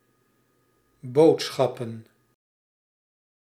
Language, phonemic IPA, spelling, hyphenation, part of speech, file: Dutch, /ˈboːtˌsxɑ.pə(n)/, boodschappen, bood‧schap‧pen, noun, Nl-boodschappen.ogg
- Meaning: 1. shopping, groceries 2. plural of boodschap